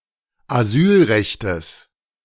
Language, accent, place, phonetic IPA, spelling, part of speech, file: German, Germany, Berlin, [aˈzyːlˌʁɛçtəs], Asylrechtes, noun, De-Asylrechtes.ogg
- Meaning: genitive singular of Asylrecht